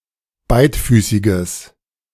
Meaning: strong/mixed nominative/accusative neuter singular of beidfüßig
- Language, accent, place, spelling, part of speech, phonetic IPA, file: German, Germany, Berlin, beidfüßiges, adjective, [ˈbaɪ̯tˌfyːsɪɡəs], De-beidfüßiges.ogg